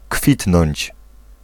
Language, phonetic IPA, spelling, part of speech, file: Polish, [ˈkfʲitnɔ̃ɲt͡ɕ], kwitnąć, verb, Pl-kwitnąć.ogg